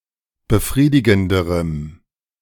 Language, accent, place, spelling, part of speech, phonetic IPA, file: German, Germany, Berlin, befriedigenderem, adjective, [bəˈfʁiːdɪɡn̩dəʁəm], De-befriedigenderem.ogg
- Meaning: strong dative masculine/neuter singular comparative degree of befriedigend